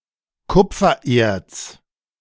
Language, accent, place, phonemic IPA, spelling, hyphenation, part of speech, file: German, Germany, Berlin, /ˈkʊp͡fɐˌʔeːɐ̯t͡s/, Kupfererz, Kup‧fer‧erz, noun, De-Kupfererz.ogg
- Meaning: copper ore